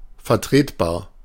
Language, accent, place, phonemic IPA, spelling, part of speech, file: German, Germany, Berlin, /ˌfɛɐ̯ˈtʁeːtˌbaːɐ̯/, vertretbar, adjective, De-vertretbar.ogg
- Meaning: justifiable, defensible, acceptable, within reason